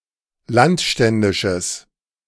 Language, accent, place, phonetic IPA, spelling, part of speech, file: German, Germany, Berlin, [ˈlantˌʃtɛndɪʃəs], landständisches, adjective, De-landständisches.ogg
- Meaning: strong/mixed nominative/accusative neuter singular of landständisch